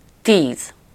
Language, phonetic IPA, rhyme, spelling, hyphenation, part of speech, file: Hungarian, [ˈtiːz], -iːz, tíz, tíz, numeral, Hu-tíz.ogg
- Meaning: ten